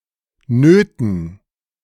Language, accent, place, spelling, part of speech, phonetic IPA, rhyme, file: German, Germany, Berlin, Nöten, noun, [ˈnøːtn̩], -øːtn̩, De-Nöten.ogg
- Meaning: dative plural of Not